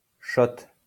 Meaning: shot (small quantity of drink, especially alcohol)
- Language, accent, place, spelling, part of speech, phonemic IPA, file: French, France, Lyon, shot, noun, /ʃɔt/, LL-Q150 (fra)-shot.wav